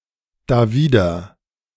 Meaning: against it, against that
- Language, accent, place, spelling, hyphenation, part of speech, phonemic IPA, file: German, Germany, Berlin, dawider, da‧wi‧der, adverb, /daˈviːdɐ/, De-dawider.ogg